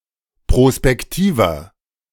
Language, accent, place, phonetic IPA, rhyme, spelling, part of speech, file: German, Germany, Berlin, [pʁospɛkˈtiːvɐ], -iːvɐ, prospektiver, adjective, De-prospektiver.ogg
- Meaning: 1. comparative degree of prospektiv 2. inflection of prospektiv: strong/mixed nominative masculine singular 3. inflection of prospektiv: strong genitive/dative feminine singular